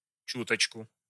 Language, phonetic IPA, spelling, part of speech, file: Russian, [ˈt͡ɕutət͡ɕkʊ], чуточку, adverb / noun, Ru-чуточку.ogg
- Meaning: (adverb) a (wee) bit, a little, just a bit; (noun) accusative singular of чу́точка (čútočka)